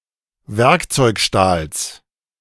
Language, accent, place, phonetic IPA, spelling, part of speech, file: German, Germany, Berlin, [ˈvɛʁkt͡sɔɪ̯kˌʃtaːls], Werkzeugstahls, noun, De-Werkzeugstahls.ogg
- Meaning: genitive singular of Werkzeugstahl